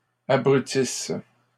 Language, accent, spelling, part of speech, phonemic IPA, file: French, Canada, abrutisse, verb, /a.bʁy.tis/, LL-Q150 (fra)-abrutisse.wav
- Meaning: inflection of abrutir: 1. first/third-person singular present subjunctive 2. first-person singular imperfect subjunctive